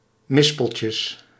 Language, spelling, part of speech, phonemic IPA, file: Dutch, mispeltjes, noun, /ˈmɪspəlcəs/, Nl-mispeltjes.ogg
- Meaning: plural of mispeltje